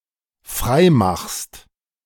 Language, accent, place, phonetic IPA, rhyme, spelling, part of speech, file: German, Germany, Berlin, [ˈfʁaɪ̯ˌmaxst], -aɪ̯maxst, freimachst, verb, De-freimachst.ogg
- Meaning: second-person singular dependent present of freimachen